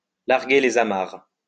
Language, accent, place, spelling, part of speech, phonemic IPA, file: French, France, Lyon, larguer les amarres, verb, /laʁ.ɡe le.z‿a.maʁ/, LL-Q150 (fra)-larguer les amarres.wav
- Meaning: 1. to cast off 2. to depart, to sail away